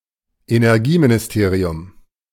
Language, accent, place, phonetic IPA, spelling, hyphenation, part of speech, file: German, Germany, Berlin, [enɛʁˈɡiːminɪsˌteːʀi̯ʊm], Energieministerium, Ener‧gie‧mi‧ni‧ste‧ri‧um, noun, De-Energieministerium.ogg
- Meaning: energy ministry